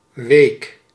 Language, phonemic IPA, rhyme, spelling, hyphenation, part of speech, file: Dutch, /ʋeːk/, -eːk, week, week, noun / adjective / verb, Nl-week.ogg
- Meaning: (noun) week, period of seven days; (adjective) 1. soft, tender, fragile 2. weak, gentle, weakhearted; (verb) inflection of weken: first-person singular present indicative